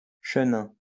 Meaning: a white wine from the Loire valley in France
- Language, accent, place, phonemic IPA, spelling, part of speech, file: French, France, Lyon, /ʃə.nɛ̃/, chenin, noun, LL-Q150 (fra)-chenin.wav